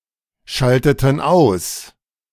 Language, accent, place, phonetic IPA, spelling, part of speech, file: German, Germany, Berlin, [ˌʃaltətn̩ ˈaʊ̯s], schalteten aus, verb, De-schalteten aus.ogg
- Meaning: inflection of ausschalten: 1. first/third-person plural preterite 2. first/third-person plural subjunctive II